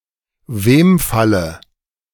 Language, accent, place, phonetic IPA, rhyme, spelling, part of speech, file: German, Germany, Berlin, [ˈveːmˌfalə], -eːmfalə, Wemfalle, noun, De-Wemfalle.ogg
- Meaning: dative of Wemfall